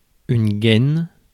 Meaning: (noun) 1. sheath, scabbard (for dagger etc.) 2. casing, sheathing, sheath (of a cable) 3. sheath; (verb) inflection of gainer: first/third-person singular present indicative/subjunctive
- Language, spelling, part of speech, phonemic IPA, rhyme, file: French, gaine, noun / verb, /ɡɛn/, -ɛn, Fr-gaine.ogg